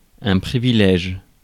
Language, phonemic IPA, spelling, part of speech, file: French, /pʁi.vi.lɛʒ/, privilège, noun, Fr-privilège.ogg
- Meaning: privilege